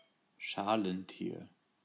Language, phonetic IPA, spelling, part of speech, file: German, [ˈʃaːlənˌtiːɐ̯], Schalentier, noun, De-Schalentier.ogg
- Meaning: 1. crustacean 2. shellfish